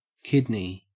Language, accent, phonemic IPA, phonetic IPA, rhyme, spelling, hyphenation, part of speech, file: English, Australia, /ˈkɪdni/, [ˈkɪdnɪi̯], -ɪdni, kidney, kid‧ney, noun, En-au-kidney.ogg
- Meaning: 1. An organ in the body that filters the blood, producing urine 2. This organ (of an animal) cooked as food 3. Constitution, temperament, nature, type, character, disposition. (usually used of people)